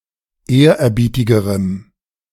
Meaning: strong dative masculine/neuter singular comparative degree of ehrerbietig
- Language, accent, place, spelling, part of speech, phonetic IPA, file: German, Germany, Berlin, ehrerbietigerem, adjective, [ˈeːɐ̯ʔɛɐ̯ˌbiːtɪɡəʁəm], De-ehrerbietigerem.ogg